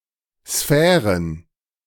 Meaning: plural of Sphäre
- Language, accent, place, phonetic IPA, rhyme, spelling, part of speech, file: German, Germany, Berlin, [ˈsfɛːʁən], -ɛːʁən, Sphären, noun, De-Sphären.ogg